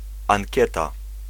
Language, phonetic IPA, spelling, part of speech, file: Polish, [ãŋʲˈcɛta], ankieta, noun, Pl-ankieta.ogg